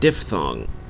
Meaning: A complex vowel sound that begins with the sound of one vowel and ends with the sound of another vowel, in the same syllable
- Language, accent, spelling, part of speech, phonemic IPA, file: English, Canada, diphthong, noun, /ˈdɪfˌθɔŋ/, En-ca-diphthong.ogg